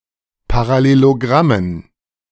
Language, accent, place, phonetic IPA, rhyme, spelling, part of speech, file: German, Germany, Berlin, [paʁaˌleloˈɡʁamən], -amən, Parallelogrammen, noun, De-Parallelogrammen.ogg
- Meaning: dative plural of Parallelogramm